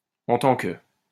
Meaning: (conjunction) in that, inasmuch as, insofar as; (preposition) as (a); in the capacity of
- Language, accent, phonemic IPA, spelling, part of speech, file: French, France, /ɑ̃ tɑ̃ kə/, en tant que, conjunction / preposition, LL-Q150 (fra)-en tant que.wav